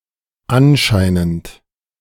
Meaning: apparently
- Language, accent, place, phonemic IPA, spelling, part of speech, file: German, Germany, Berlin, /ˈanˌʃaɪnənt/, anscheinend, adverb, De-anscheinend.ogg